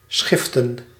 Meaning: to separate, to divide itself into separate layers or substances
- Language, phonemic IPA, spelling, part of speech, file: Dutch, /ˈsxɪftə(n)/, schiften, verb, Nl-schiften.ogg